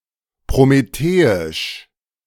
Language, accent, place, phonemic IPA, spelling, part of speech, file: German, Germany, Berlin, /pʁomeˈteːɪʃ/, prometheisch, adjective, De-prometheisch.ogg
- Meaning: Promethean